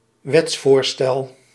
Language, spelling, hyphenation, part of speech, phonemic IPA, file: Dutch, wetsvoorstel, wets‧voor‧stel, noun, /ˈʋɛts.foːrˌstɛl/, Nl-wetsvoorstel.ogg
- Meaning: draft bill